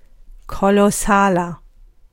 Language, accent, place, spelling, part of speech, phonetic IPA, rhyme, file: German, Germany, Berlin, kolossaler, adjective, [ˌkolɔˈsaːlɐ], -aːlɐ, De-kolossaler.ogg
- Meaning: 1. comparative degree of kolossal 2. inflection of kolossal: strong/mixed nominative masculine singular 3. inflection of kolossal: strong genitive/dative feminine singular